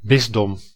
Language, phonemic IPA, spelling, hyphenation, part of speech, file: Dutch, /ˈbɪs.dɔm/, bisdom, bis‧dom, noun, Nl-bisdom.ogg
- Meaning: bishopric